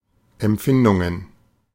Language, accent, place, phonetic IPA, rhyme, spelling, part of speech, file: German, Germany, Berlin, [ɛmˈp͡fɪndʊŋən], -ɪndʊŋən, Empfindungen, noun, De-Empfindungen.ogg
- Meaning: plural of Empfindung